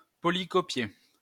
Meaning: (adjective) duplicated; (verb) past participle of polycopier
- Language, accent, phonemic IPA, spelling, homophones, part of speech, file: French, France, /pɔ.li.kɔ.pje/, polycopié, polycopiai / polycopiée / polycopiées / polycopier / polycopiés / polycopiez, adjective / verb, LL-Q150 (fra)-polycopié.wav